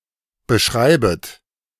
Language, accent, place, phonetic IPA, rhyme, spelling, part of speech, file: German, Germany, Berlin, [bəˈʃʁaɪ̯bət], -aɪ̯bət, beschreibet, verb, De-beschreibet.ogg
- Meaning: second-person plural subjunctive I of beschreiben